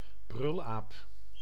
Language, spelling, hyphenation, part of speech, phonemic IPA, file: Dutch, brulaap, brul‧aap, noun, /ˈbrʏl.aːp/, Nl-brulaap.ogg
- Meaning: a howler monkey, a monkey of the genus Alouatta